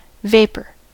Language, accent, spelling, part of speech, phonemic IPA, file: English, US, vapor, noun / verb, /ˈveɪpɚ/, En-us-vapor.ogg
- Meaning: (noun) 1. Cloudy diffused matter such as mist, steam or fumes suspended in the air 2. The gaseous state of a substance that is normally a solid or liquid